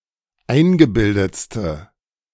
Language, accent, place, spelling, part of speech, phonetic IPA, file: German, Germany, Berlin, eingebildetste, adjective, [ˈaɪ̯nɡəˌbɪldət͡stə], De-eingebildetste.ogg
- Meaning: inflection of eingebildet: 1. strong/mixed nominative/accusative feminine singular superlative degree 2. strong nominative/accusative plural superlative degree